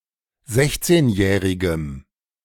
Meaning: strong dative masculine/neuter singular of sechzehnjährig
- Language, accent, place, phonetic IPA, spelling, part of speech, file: German, Germany, Berlin, [ˈzɛçt͡seːnˌjɛːʁɪɡəm], sechzehnjährigem, adjective, De-sechzehnjährigem.ogg